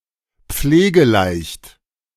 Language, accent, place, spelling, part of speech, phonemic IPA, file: German, Germany, Berlin, pflegeleicht, adjective, /ˈpfleːɡəˌlaɪ̯çt/, De-pflegeleicht.ogg
- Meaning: low-maintenance